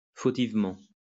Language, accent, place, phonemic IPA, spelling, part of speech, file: French, France, Lyon, /fo.tiv.mɑ̃/, fautivement, adverb, LL-Q150 (fra)-fautivement.wav
- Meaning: wrongly; erroneously